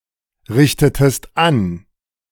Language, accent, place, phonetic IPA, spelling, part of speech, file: German, Germany, Berlin, [ˌʁɪçtətəst ˈan], richtetest an, verb, De-richtetest an.ogg
- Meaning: inflection of anrichten: 1. second-person singular preterite 2. second-person singular subjunctive II